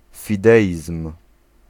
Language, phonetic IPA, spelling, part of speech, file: Polish, [fʲiˈdɛʲism̥], fideizm, noun, Pl-fideizm.ogg